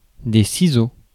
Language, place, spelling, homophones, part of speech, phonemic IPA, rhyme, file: French, Paris, ciseaux, ciseau, noun, /si.zo/, -o, Fr-ciseaux.ogg
- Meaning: 1. plural of ciseau 2. scissors